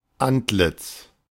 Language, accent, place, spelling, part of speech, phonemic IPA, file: German, Germany, Berlin, Antlitz, noun, /ˈantˌlɪt͡s/, De-Antlitz.ogg
- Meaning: face, countenance, visage